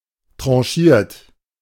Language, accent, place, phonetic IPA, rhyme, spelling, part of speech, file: German, Germany, Berlin, [ˌtʁɑ̃ˈʃiːɐ̯t], -iːɐ̯t, tranchiert, verb, De-tranchiert.ogg
- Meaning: 1. past participle of tranchieren 2. inflection of tranchieren: third-person singular present 3. inflection of tranchieren: second-person plural present 4. inflection of tranchieren: plural imperative